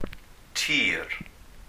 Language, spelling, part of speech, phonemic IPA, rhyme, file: Welsh, tir, noun, /tiːr/, -iːr, Cy-tir.ogg
- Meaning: land